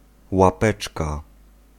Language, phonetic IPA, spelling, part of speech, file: Polish, [waˈpɛt͡ʃka], łapeczka, noun, Pl-łapeczka.ogg